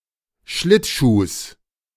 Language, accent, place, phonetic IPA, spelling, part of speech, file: German, Germany, Berlin, [ˈʃlɪtˌʃuːs], Schlittschuhs, noun, De-Schlittschuhs.ogg
- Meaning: genitive singular of Schlittschuh